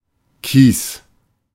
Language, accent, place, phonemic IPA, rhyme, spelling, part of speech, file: German, Germany, Berlin, /kiːs/, -iːs, Kies, noun, De-Kies.ogg
- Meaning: 1. gravel, shingle (small pebbles collectively) 2. ore containing sulphur or arsenic, being hard, antifragile, bright in color, and having a strong metallic brilliance 3. dosh, dough (money)